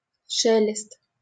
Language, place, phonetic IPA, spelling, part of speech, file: Russian, Saint Petersburg, [ˈʂɛlʲɪst], шелест, noun, LL-Q7737 (rus)-шелест.wav
- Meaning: rustle